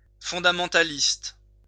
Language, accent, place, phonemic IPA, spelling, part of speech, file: French, France, Lyon, /fɔ̃.da.mɑ̃.ta.list/, fondamentaliste, adjective / noun, LL-Q150 (fra)-fondamentaliste.wav
- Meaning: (adjective) fundamentalist